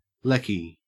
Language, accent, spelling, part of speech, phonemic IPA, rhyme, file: English, Australia, lecky, noun, /ˈlɛki/, -ɛki, En-au-lecky.ogg
- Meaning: 1. Electricity 2. Electrician